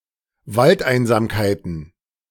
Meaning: plural of Waldeinsamkeit
- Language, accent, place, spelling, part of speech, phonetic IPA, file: German, Germany, Berlin, Waldeinsamkeiten, noun, [ˈvaltˌʔaɪ̯nzaːmkaɪ̯tn̩], De-Waldeinsamkeiten.ogg